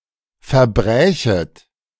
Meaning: second-person plural subjunctive II of verbrechen
- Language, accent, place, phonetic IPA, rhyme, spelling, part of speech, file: German, Germany, Berlin, [fɛɐ̯ˈbʁɛːçət], -ɛːçət, verbrächet, verb, De-verbrächet.ogg